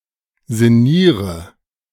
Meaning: inflection of sinnieren: 1. first-person singular present 2. first/third-person singular subjunctive I 3. singular imperative
- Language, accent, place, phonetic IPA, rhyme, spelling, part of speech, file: German, Germany, Berlin, [zɪˈniːʁə], -iːʁə, sinniere, verb, De-sinniere.ogg